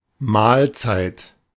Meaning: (noun) 1. meal 2. mealtime; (interjection) ellipsis of gesegnete Mahlzeit or prost Mahlzeit (literally “blessed meal”); enjoy your meal!; bon appétit!
- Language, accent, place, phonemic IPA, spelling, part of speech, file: German, Germany, Berlin, /ˈmaːlˌt͡saɪ̯t/, Mahlzeit, noun / interjection, De-Mahlzeit.ogg